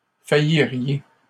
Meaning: second-person plural conditional of faillir
- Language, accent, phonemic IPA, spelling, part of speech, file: French, Canada, /fa.ji.ʁje/, failliriez, verb, LL-Q150 (fra)-failliriez.wav